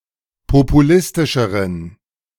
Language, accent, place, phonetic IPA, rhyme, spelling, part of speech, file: German, Germany, Berlin, [popuˈlɪstɪʃəʁən], -ɪstɪʃəʁən, populistischeren, adjective, De-populistischeren.ogg
- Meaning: inflection of populistisch: 1. strong genitive masculine/neuter singular comparative degree 2. weak/mixed genitive/dative all-gender singular comparative degree